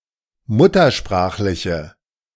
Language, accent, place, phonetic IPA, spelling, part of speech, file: German, Germany, Berlin, [ˈmʊtɐˌʃpʁaːxlɪçə], muttersprachliche, adjective, De-muttersprachliche.ogg
- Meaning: inflection of muttersprachlich: 1. strong/mixed nominative/accusative feminine singular 2. strong nominative/accusative plural 3. weak nominative all-gender singular